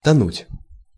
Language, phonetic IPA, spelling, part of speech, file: Russian, [tɐˈnutʲ], тонуть, verb, Ru-тонуть.ogg
- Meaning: 1. to sink, to go down 2. to drown 3. to be lost